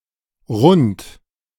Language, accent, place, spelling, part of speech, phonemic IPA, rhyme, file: German, Germany, Berlin, Rund, noun, /ʁʊnt/, -ʊnt, De-Rund.ogg
- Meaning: round